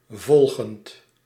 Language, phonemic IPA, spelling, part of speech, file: Dutch, /ˈvɔlɣənt/, volgend, adjective / verb, Nl-volgend.ogg
- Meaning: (adjective) following, next, subsequent; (verb) present participle of volgen